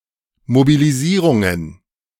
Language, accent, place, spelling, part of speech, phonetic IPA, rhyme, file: German, Germany, Berlin, Mobilisierungen, noun, [mobiliˈziːʁʊŋən], -iːʁʊŋən, De-Mobilisierungen.ogg
- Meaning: plural of Mobilisierung